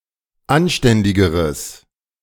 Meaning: strong/mixed nominative/accusative neuter singular comparative degree of anständig
- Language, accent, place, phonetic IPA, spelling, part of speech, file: German, Germany, Berlin, [ˈanˌʃtɛndɪɡəʁəs], anständigeres, adjective, De-anständigeres.ogg